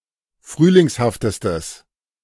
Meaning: strong/mixed nominative/accusative neuter singular superlative degree of frühlingshaft
- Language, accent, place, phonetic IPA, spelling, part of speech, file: German, Germany, Berlin, [ˈfʁyːlɪŋshaftəstəs], frühlingshaftestes, adjective, De-frühlingshaftestes.ogg